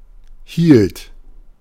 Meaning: first/third-person singular preterite of halten
- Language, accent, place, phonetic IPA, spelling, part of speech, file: German, Germany, Berlin, [hiːlt], hielt, verb, De-hielt.ogg